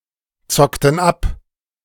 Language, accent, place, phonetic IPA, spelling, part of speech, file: German, Germany, Berlin, [ˌt͡sɔktn̩ ˈap], zockten ab, verb, De-zockten ab.ogg
- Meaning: inflection of abzocken: 1. first/third-person plural preterite 2. first/third-person plural subjunctive II